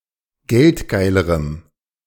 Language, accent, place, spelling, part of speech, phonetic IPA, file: German, Germany, Berlin, geldgeilerem, adjective, [ˈɡɛltˌɡaɪ̯ləʁəm], De-geldgeilerem.ogg
- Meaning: strong dative masculine/neuter singular comparative degree of geldgeil